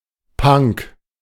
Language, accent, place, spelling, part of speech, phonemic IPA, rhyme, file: German, Germany, Berlin, Punk, noun, /paŋk/, -aŋk, De-Punk.ogg
- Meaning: 1. punk (social movement) 2. punk (member of the punk movement) 3. punk; punk rock